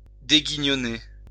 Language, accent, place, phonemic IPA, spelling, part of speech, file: French, France, Lyon, /de.ɡi.ɲɔ.ne/, déguignonner, verb, LL-Q150 (fra)-déguignonner.wav
- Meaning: to change ill-luck